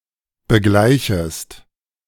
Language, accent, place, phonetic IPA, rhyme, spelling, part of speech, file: German, Germany, Berlin, [bəˈɡlaɪ̯çəst], -aɪ̯çəst, begleichest, verb, De-begleichest.ogg
- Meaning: second-person singular subjunctive I of begleichen